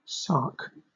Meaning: An island of the Bailiwick of Guernsey, Channel Islands
- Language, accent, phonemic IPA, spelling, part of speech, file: English, Southern England, /sɑːk/, Sark, proper noun, LL-Q1860 (eng)-Sark.wav